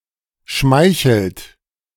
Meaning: inflection of schmeicheln: 1. third-person singular present 2. second-person plural present 3. plural imperative
- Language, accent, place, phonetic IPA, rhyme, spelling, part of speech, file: German, Germany, Berlin, [ˈʃmaɪ̯çl̩t], -aɪ̯çl̩t, schmeichelt, verb, De-schmeichelt.ogg